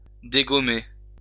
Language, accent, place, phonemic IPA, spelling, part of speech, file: French, France, Lyon, /de.ɡɔ.me/, dégommer, verb, LL-Q150 (fra)-dégommer.wav
- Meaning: 1. to degum 2. to leave (a place) 3. to sack, can, fire 4. to unseat 5. to hit, strike, zap (a target)